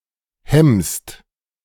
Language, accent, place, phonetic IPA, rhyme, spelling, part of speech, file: German, Germany, Berlin, [hɛmst], -ɛmst, hemmst, verb, De-hemmst.ogg
- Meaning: second-person singular present of hemmen